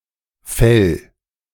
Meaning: 1. singular imperative of fällen 2. first-person singular present of fällen
- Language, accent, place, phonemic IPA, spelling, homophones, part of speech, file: German, Germany, Berlin, /fɛl/, fäll, Fell, verb, De-fäll.ogg